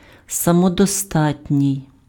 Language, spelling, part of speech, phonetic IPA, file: Ukrainian, самодостатній, adjective, [sɐmɔdɔˈstatʲnʲii̯], Uk-самодостатній.ogg
- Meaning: self-sufficient